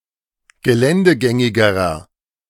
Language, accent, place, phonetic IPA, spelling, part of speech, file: German, Germany, Berlin, [ɡəˈlɛndəˌɡɛŋɪɡəʁɐ], geländegängigerer, adjective, De-geländegängigerer.ogg
- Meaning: inflection of geländegängig: 1. strong/mixed nominative masculine singular comparative degree 2. strong genitive/dative feminine singular comparative degree